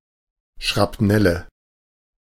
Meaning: nominative/accusative/genitive plural of Schrapnell
- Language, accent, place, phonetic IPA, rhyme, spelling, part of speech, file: German, Germany, Berlin, [ʃʁapˈnɛlə], -ɛlə, Schrapnelle, noun, De-Schrapnelle.ogg